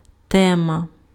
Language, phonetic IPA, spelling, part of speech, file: Ukrainian, [ˈtɛmɐ], тема, noun, Uk-тема.ogg
- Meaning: theme, subject, topic